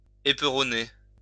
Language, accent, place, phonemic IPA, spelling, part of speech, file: French, France, Lyon, /e.pʁɔ.ne/, éperonner, verb, LL-Q150 (fra)-éperonner.wav
- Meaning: 1. to spur (hit a horse with a spur) 2. to spur on 3. to ram (to use a ram to hit another ship)